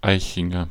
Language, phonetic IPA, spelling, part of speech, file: German, [ˈaɪ̯çɪŋɐ], Eichinger, proper noun, De-Eichinger.ogg
- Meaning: a surname